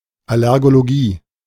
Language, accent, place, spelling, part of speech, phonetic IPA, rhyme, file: German, Germany, Berlin, Allergologie, noun, [alɛʁɡoloˈɡiː], -iː, De-Allergologie.ogg
- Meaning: allergology